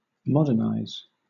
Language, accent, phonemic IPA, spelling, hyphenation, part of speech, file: English, Southern England, /ˈmɒdənaɪz/, modernize, mod‧ern‧ize, verb, LL-Q1860 (eng)-modernize.wav
- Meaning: 1. To make (something old or outdated) up to date, or modern in style or function by adding or changing equipment, designs, etc 2. To become modern in appearance, or adopt modern ways